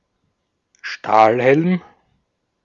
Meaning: 1. any steel helmet intended to protect the wearer from shrapnel 2. a distinctive, steel helmet fielded by Germany during World Wars I and II, and by many other countries during the 20th century
- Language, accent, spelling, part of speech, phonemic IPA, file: German, Austria, Stahlhelm, noun, /ˈʃtaːlhɛlm/, De-at-Stahlhelm.ogg